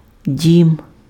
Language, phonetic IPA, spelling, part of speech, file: Ukrainian, [dʲim], дім, noun, Uk-дім.ogg
- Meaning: 1. house, home 2. building